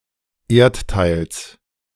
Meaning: genitive singular of Erdteil
- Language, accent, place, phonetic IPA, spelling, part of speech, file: German, Germany, Berlin, [ˈeːɐ̯tˌtaɪ̯ls], Erdteils, noun, De-Erdteils.ogg